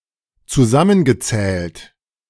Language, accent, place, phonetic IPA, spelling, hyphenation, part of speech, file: German, Germany, Berlin, [ t͡suˈzamənɡəˌt͡sɛːlt], zusammengezählt, zu‧sam‧men‧ge‧zählt, verb, De-zusammengezählt.ogg
- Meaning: past participle of zusammenzählen